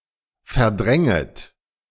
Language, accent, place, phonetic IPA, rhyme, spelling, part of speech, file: German, Germany, Berlin, [fɛɐ̯ˈdʁɛŋət], -ɛŋət, verdränget, verb, De-verdränget.ogg
- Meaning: second-person plural subjunctive I of verdrängen